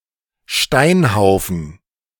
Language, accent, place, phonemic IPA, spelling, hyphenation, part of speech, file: German, Germany, Berlin, /ˈʃtaɪ̯nˌhaʊ̯fn̩/, Steinhaufen, Stein‧hau‧fen, noun, De-Steinhaufen.ogg
- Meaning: pile of stone